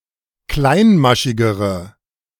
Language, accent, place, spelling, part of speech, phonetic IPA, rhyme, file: German, Germany, Berlin, kleinmaschigere, adjective, [ˈklaɪ̯nˌmaʃɪɡəʁə], -aɪ̯nmaʃɪɡəʁə, De-kleinmaschigere.ogg
- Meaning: inflection of kleinmaschig: 1. strong/mixed nominative/accusative feminine singular comparative degree 2. strong nominative/accusative plural comparative degree